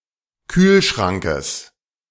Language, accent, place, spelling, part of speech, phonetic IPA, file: German, Germany, Berlin, Kühlschrankes, noun, [ˈkyːlˌʃʁaŋkəs], De-Kühlschrankes.ogg
- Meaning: genitive singular of Kühlschrank